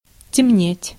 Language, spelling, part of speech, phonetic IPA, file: Russian, темнеть, verb, [tʲɪˈmnʲetʲ], Ru-темнеть.ogg
- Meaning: 1. to darken, to become dark 2. to get dark